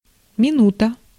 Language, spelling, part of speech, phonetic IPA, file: Russian, минута, noun, [mʲɪˈnutə], Ru-минута.ogg
- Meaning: 1. minute 2. moment, instant